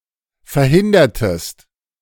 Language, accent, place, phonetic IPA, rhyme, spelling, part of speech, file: German, Germany, Berlin, [fɛɐ̯ˈhɪndɐtəst], -ɪndɐtəst, verhindertest, verb, De-verhindertest.ogg
- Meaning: inflection of verhindern: 1. second-person singular preterite 2. second-person singular subjunctive II